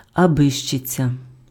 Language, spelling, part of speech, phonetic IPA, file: Ukrainian, абищиця, noun, [ɐˈbɪʃt͡ʃet͡sʲɐ], Uk-абищиця.ogg
- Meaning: nonsense, trifle